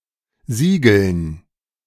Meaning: dative plural of Sigel
- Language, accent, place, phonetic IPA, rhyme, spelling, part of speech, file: German, Germany, Berlin, [ˈziːɡl̩n], -iːɡl̩n, Sigeln, noun, De-Sigeln.ogg